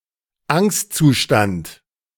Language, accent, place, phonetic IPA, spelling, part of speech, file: German, Germany, Berlin, [ˈaŋstt͡suˌʃtant], Angstzustand, noun, De-Angstzustand.ogg
- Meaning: anxiety, anxiety state, state of panic